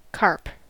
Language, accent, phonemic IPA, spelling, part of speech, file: English, General American, /ˈkɑɹp/, carp, noun / verb, En-us-carp.ogg
- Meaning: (noun) 1. Any of various freshwater fish of the family Cyprinidae 2. Any of various freshwater fish of the family Cyprinidae.: The common carp, Cyprinus carpio